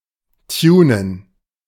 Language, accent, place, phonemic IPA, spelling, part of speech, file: German, Germany, Berlin, /ˈtjuːnən/, tunen, verb, De-tunen.ogg
- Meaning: 1. to tune (modify and optimize technical devices, chiefly cars) 2. to perform plastic surgery on